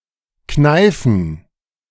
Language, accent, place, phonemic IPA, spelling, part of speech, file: German, Germany, Berlin, /ˈknaɪ̯fən/, kneifen, verb, De-kneifen.ogg
- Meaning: 1. to pinch, to squeeze 2. to chicken out; to back out; to shirk